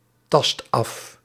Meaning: inflection of aftasten: 1. first/second/third-person singular present indicative 2. imperative
- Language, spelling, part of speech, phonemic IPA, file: Dutch, tast af, verb, /ˈtɑst ˈɑf/, Nl-tast af.ogg